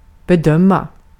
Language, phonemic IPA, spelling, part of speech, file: Swedish, /bɛˈdœma/, bedöma, verb, Sv-bedöma.ogg
- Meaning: to assess (make an (appraising or more general) assessment (of something))